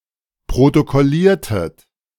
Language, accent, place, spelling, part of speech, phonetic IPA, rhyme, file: German, Germany, Berlin, protokolliertet, verb, [pʁotokɔˈliːɐ̯tət], -iːɐ̯tət, De-protokolliertet.ogg
- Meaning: inflection of protokollieren: 1. second-person plural preterite 2. second-person plural subjunctive II